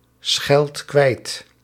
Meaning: inflection of kwijtschelden: 1. second/third-person singular present indicative 2. plural imperative
- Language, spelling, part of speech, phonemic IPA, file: Dutch, scheldt kwijt, verb, /ˈsxɛlt ˈkwɛit/, Nl-scheldt kwijt.ogg